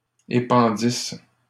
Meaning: third-person plural imperfect subjunctive of épandre
- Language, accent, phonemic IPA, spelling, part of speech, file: French, Canada, /e.pɑ̃.dis/, épandissent, verb, LL-Q150 (fra)-épandissent.wav